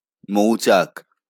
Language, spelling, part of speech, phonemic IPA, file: Bengali, মৌচাক, noun, /mou̯t͡ʃak/, LL-Q9610 (ben)-মৌচাক.wav
- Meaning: 1. honeycomb 2. beehive